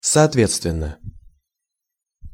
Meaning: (adverb) 1. accordingly, correspondingly (in proportion) 2. properly, the way it should be done 3. respectively; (preposition) according to, in accordance with
- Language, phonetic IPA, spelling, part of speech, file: Russian, [sɐtˈvʲet͡stvʲɪn(ː)ə], соответственно, adverb / preposition, Ru-соответственно.ogg